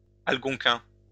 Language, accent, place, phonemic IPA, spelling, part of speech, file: French, France, Lyon, /al.ɡɔ̃.kɛ̃/, algonquin, noun / adjective, LL-Q150 (fra)-algonquin.wav
- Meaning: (noun) Algonquin language; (adjective) Algonquin